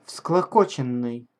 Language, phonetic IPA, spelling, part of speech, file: Russian, [fskɫɐˈkot͡ɕɪn(ː)ɨj], всклокоченный, verb / adjective, Ru-всклокоченный.ogg
- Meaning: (verb) past passive perfective participle of всклоко́чить (vsklokóčitʹ); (adjective) disheveled; tousled